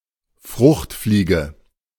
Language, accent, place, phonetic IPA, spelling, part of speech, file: German, Germany, Berlin, [ˈfʁʊxtˌfliːɡə], Fruchtfliege, noun, De-Fruchtfliege.ogg
- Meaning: 1. fruit fly (Tephritidae) 2. fruit fly (Drosophilidae)